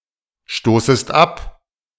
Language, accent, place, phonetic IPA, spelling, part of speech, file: German, Germany, Berlin, [ˌʃtoːsəst ˈap], stoßest ab, verb, De-stoßest ab.ogg
- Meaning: second-person singular subjunctive I of abstoßen